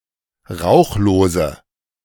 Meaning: inflection of rauchlos: 1. strong/mixed nominative/accusative feminine singular 2. strong nominative/accusative plural 3. weak nominative all-gender singular
- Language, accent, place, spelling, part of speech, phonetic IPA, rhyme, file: German, Germany, Berlin, rauchlose, adjective, [ˈʁaʊ̯xloːzə], -aʊ̯xloːzə, De-rauchlose.ogg